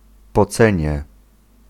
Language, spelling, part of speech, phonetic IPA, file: Polish, pocenie, noun, [pɔˈt͡sɛ̃ɲɛ], Pl-pocenie.ogg